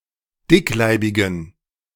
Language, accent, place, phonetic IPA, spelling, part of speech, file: German, Germany, Berlin, [ˈdɪkˌlaɪ̯bɪɡn̩], dickleibigen, adjective, De-dickleibigen.ogg
- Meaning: inflection of dickleibig: 1. strong genitive masculine/neuter singular 2. weak/mixed genitive/dative all-gender singular 3. strong/weak/mixed accusative masculine singular 4. strong dative plural